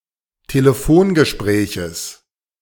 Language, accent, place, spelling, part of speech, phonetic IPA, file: German, Germany, Berlin, Telefongespräches, noun, [teləˈfoːnɡəˌʃpʁɛːçəs], De-Telefongespräches.ogg
- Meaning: genitive singular of Telefongespräch